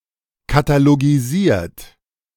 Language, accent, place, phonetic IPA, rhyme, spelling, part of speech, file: German, Germany, Berlin, [kataloɡiˈziːɐ̯t], -iːɐ̯t, katalogisiert, verb, De-katalogisiert.ogg
- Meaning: 1. past participle of katalogisieren 2. inflection of katalogisieren: third-person singular present 3. inflection of katalogisieren: second-person plural present